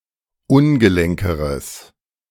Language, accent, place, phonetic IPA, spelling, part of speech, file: German, Germany, Berlin, [ˈʊnɡəˌlɛŋkəʁəs], ungelenkeres, adjective, De-ungelenkeres.ogg
- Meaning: strong/mixed nominative/accusative neuter singular comparative degree of ungelenk